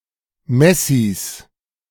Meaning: 1. genitive singular of Messie 2. plural of Messie
- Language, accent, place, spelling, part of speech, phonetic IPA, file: German, Germany, Berlin, Messies, noun, [ˈmɛsiːs], De-Messies.ogg